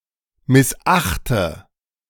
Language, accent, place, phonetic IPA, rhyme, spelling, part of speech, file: German, Germany, Berlin, [mɪsˈʔaxtə], -axtə, missachte, verb, De-missachte.ogg
- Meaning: inflection of missachten: 1. first-person singular present 2. first/third-person singular subjunctive I 3. singular imperative